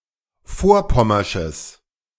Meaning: strong/mixed nominative/accusative neuter singular of vorpommersch
- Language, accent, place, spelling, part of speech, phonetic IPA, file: German, Germany, Berlin, vorpommersches, adjective, [ˈfoːɐ̯ˌpɔmɐʃəs], De-vorpommersches.ogg